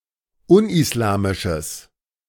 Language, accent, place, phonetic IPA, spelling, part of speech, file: German, Germany, Berlin, [ˈʊnʔɪsˌlaːmɪʃəs], unislamisches, adjective, De-unislamisches.ogg
- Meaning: strong/mixed nominative/accusative neuter singular of unislamisch